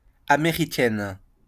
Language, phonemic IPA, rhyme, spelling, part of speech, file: French, /a.me.ʁi.kɛn/, -ɛn, américaine, adjective / noun, LL-Q150 (fra)-américaine.wav
- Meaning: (adjective) feminine singular of américain; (noun) madison (cycling discipline)